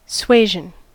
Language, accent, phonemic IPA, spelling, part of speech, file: English, US, /ˈsweɪʒən/, suasion, noun, En-us-suasion.ogg
- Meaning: The act of urging or influencing; persuasion